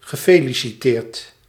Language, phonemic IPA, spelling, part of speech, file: Dutch, /ɣəˈfeːlisiˌteːrt/, gefeliciteerd, verb / interjection, Nl-gefeliciteerd.ogg
- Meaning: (verb) past participle of feliciteren; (interjection) congratulations!